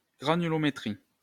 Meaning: granulometry
- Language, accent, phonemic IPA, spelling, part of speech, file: French, France, /ɡʁa.ny.lɔ.me.tʁi/, granulométrie, noun, LL-Q150 (fra)-granulométrie.wav